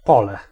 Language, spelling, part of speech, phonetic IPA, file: Polish, pole, noun, [ˈpɔlɛ], Pl-pole.ogg